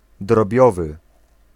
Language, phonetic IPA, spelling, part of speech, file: Polish, [drɔˈbʲjɔvɨ], drobiowy, adjective, Pl-drobiowy.ogg